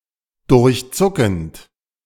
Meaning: present participle of durchzucken
- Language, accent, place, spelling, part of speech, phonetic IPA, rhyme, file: German, Germany, Berlin, durchzuckend, verb, [dʊʁçˈt͡sʊkn̩t], -ʊkn̩t, De-durchzuckend.ogg